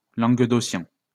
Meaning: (adjective) Languedocian (of, from or relating to Languedoc); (noun) Languedocian (the dialect of the Occitan language spoken in Languedoc-Roussillon)
- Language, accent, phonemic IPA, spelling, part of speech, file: French, France, /lɑ̃ɡ.dɔ.sjɛ̃/, languedocien, adjective / noun, LL-Q150 (fra)-languedocien.wav